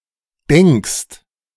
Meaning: second-person singular present of denken
- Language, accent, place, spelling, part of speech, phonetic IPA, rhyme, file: German, Germany, Berlin, denkst, verb, [dɛŋkst], -ɛŋkst, De-denkst.ogg